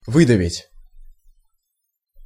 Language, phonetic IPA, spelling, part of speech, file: Russian, [ˈvɨdəvʲɪtʲ], выдавить, verb, Ru-выдавить.ogg
- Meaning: 1. to squeeze out, to press out 2. to force 3. to push out, to press out, to break 4. to emboss, to stamp